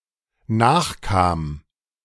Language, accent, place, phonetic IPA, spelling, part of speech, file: German, Germany, Berlin, [ˈnaːxˌkaːm], nachkam, verb, De-nachkam.ogg
- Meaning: first/third-person singular dependent preterite of nachkommen